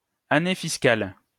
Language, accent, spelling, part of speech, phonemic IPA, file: French, France, année fiscale, noun, /a.ne fis.kal/, LL-Q150 (fra)-année fiscale.wav
- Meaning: fiscal year, financial year